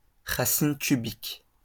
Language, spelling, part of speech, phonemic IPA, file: French, racine cubique, noun, /ʁa.sin ky.bik/, LL-Q150 (fra)-racine cubique.wav
- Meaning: cube root